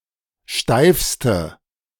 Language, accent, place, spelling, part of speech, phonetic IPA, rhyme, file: German, Germany, Berlin, steifste, adjective, [ˈʃtaɪ̯fstə], -aɪ̯fstə, De-steifste.ogg
- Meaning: inflection of steif: 1. strong/mixed nominative/accusative feminine singular superlative degree 2. strong nominative/accusative plural superlative degree